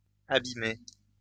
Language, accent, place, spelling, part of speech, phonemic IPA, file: French, France, Lyon, abîmez, verb, /a.bi.me/, LL-Q150 (fra)-abîmez.wav
- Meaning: inflection of abîmer: 1. second-person plural present indicative 2. second-person plural imperative